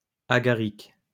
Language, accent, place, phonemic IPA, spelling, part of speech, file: French, France, Lyon, /a.ɡa.ʁik/, agaric, noun, LL-Q150 (fra)-agaric.wav
- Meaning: agaric